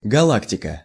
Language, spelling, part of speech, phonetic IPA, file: Russian, галактика, noun, [ɡɐˈɫaktʲɪkə], Ru-галактика.ogg
- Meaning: galaxy